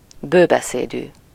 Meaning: talkative
- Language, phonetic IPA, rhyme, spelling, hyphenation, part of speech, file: Hungarian, [ˈbøːbɛseːdyː], -dyː, bőbeszédű, bő‧be‧szé‧dű, adjective, Hu-bőbeszédű.ogg